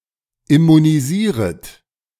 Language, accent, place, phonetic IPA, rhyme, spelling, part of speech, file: German, Germany, Berlin, [ɪmuniˈziːʁət], -iːʁət, immunisieret, verb, De-immunisieret.ogg
- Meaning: second-person plural subjunctive I of immunisieren